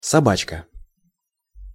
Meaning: 1. diminutive of соба́ка (sobáka): doggy 2. diminutive of соба́ка (sobáka): at (@ sign) 3. trigger, self-locking latch, turnpiece
- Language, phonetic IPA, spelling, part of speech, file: Russian, [sɐˈbat͡ɕkə], собачка, noun, Ru-собачка.ogg